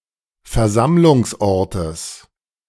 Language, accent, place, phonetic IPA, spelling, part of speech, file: German, Germany, Berlin, [fɛɐ̯ˈzamlʊŋsˌʔɔʁtəs], Versammlungsortes, noun, De-Versammlungsortes.ogg
- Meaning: genitive of Versammlungsort